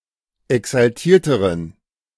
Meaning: inflection of exaltiert: 1. strong genitive masculine/neuter singular comparative degree 2. weak/mixed genitive/dative all-gender singular comparative degree
- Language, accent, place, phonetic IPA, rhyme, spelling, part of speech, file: German, Germany, Berlin, [ɛksalˈtiːɐ̯təʁən], -iːɐ̯təʁən, exaltierteren, adjective, De-exaltierteren.ogg